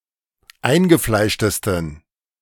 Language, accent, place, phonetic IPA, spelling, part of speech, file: German, Germany, Berlin, [ˈaɪ̯nɡəˌflaɪ̯ʃtəstn̩], eingefleischtesten, adjective, De-eingefleischtesten.ogg
- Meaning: 1. superlative degree of eingefleischt 2. inflection of eingefleischt: strong genitive masculine/neuter singular superlative degree